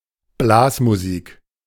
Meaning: The music played by brass bands
- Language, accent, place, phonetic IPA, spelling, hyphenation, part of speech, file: German, Germany, Berlin, [ˈblaːsmuˌziːk], Blasmusik, Blas‧mu‧sik, noun, De-Blasmusik.ogg